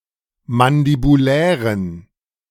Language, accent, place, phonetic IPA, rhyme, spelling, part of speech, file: German, Germany, Berlin, [mandibuˈlɛːʁən], -ɛːʁən, mandibulären, adjective, De-mandibulären.ogg
- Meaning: inflection of mandibulär: 1. strong genitive masculine/neuter singular 2. weak/mixed genitive/dative all-gender singular 3. strong/weak/mixed accusative masculine singular 4. strong dative plural